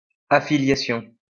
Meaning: affiliation
- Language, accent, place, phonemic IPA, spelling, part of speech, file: French, France, Lyon, /a.fi.lja.sjɔ̃/, affiliation, noun, LL-Q150 (fra)-affiliation.wav